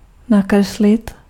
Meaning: to draw (a picture)
- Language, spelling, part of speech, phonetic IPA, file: Czech, nakreslit, verb, [ˈnakrɛslɪt], Cs-nakreslit.ogg